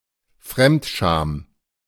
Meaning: vicarious embarrassment, secondhand embarrassment (shame felt for actions done by someone else)
- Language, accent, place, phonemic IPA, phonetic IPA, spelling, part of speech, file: German, Germany, Berlin, /ˈfʁɛmtʃaːm/, [ˈfʁɛmtʃaːm], Fremdscham, noun, De-Fremdscham.ogg